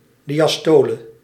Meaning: diastole
- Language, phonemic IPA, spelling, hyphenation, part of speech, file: Dutch, /di.aːˈstoː.lə/, diastole, di‧as‧to‧le, noun, Nl-diastole.ogg